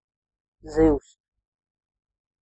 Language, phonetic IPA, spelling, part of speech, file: Latvian, [ziws], zivs, noun, Lv-zivs.ogg
- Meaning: fish (animal that lives in water, moving with fins and breathing with gills)